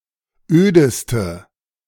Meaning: inflection of öd: 1. strong/mixed nominative/accusative feminine singular superlative degree 2. strong nominative/accusative plural superlative degree
- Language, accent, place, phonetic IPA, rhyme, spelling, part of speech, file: German, Germany, Berlin, [ˈøːdəstə], -øːdəstə, ödeste, adjective, De-ödeste.ogg